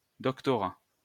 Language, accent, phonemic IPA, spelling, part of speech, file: French, France, /dɔk.tɔ.ʁa/, doctorat, noun, LL-Q150 (fra)-doctorat.wav
- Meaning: doctorate